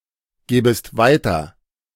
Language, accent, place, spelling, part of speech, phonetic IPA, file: German, Germany, Berlin, gäbest weiter, verb, [ˌɡɛːbəst ˈvaɪ̯tɐ], De-gäbest weiter.ogg
- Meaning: second-person singular subjunctive II of weitergeben